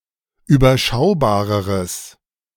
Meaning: strong/mixed nominative/accusative neuter singular comparative degree of überschaubar
- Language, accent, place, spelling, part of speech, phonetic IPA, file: German, Germany, Berlin, überschaubareres, adjective, [yːbɐˈʃaʊ̯baːʁəʁəs], De-überschaubareres.ogg